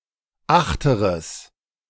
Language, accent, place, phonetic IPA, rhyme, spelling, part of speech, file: German, Germany, Berlin, [ˈaxtəʁəs], -axtəʁəs, achteres, adjective, De-achteres.ogg
- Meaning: strong/mixed nominative/accusative neuter singular of achterer